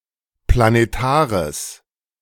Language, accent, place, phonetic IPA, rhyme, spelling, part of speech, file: German, Germany, Berlin, [planeˈtaːʁəs], -aːʁəs, planetares, adjective, De-planetares.ogg
- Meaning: strong/mixed nominative/accusative neuter singular of planetar